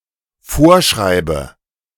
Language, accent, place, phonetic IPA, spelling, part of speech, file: German, Germany, Berlin, [ˈfoːɐ̯ˌʃʁaɪ̯bə], vorschreibe, verb, De-vorschreibe.ogg
- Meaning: inflection of vorschreiben: 1. first-person singular dependent present 2. first/third-person singular dependent subjunctive I